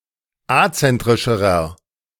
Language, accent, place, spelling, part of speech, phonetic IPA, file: German, Germany, Berlin, azentrischerer, adjective, [ˈat͡sɛntʁɪʃəʁɐ], De-azentrischerer.ogg
- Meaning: inflection of azentrisch: 1. strong/mixed nominative masculine singular comparative degree 2. strong genitive/dative feminine singular comparative degree 3. strong genitive plural comparative degree